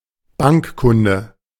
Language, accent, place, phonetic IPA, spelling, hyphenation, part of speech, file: German, Germany, Berlin, [ˈbaŋkˌkʊndə], Bankkunde, Bank‧kun‧de, noun, De-Bankkunde.ogg
- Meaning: bank customer